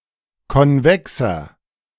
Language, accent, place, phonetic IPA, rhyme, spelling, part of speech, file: German, Germany, Berlin, [kɔnˈvɛksɐ], -ɛksɐ, konvexer, adjective, De-konvexer.ogg
- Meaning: 1. comparative degree of konvex 2. inflection of konvex: strong/mixed nominative masculine singular 3. inflection of konvex: strong genitive/dative feminine singular